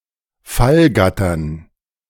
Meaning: dative plural of Fallgatter
- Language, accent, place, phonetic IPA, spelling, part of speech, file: German, Germany, Berlin, [ˈfalˌɡatɐn], Fallgattern, noun, De-Fallgattern.ogg